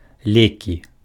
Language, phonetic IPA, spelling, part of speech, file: Belarusian, [ˈlʲekʲi], лекі, noun, Be-лекі.ogg
- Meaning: 1. nominative plural of лек (ljek) 2. accusative plural of лек (ljek) 3. medicine, cure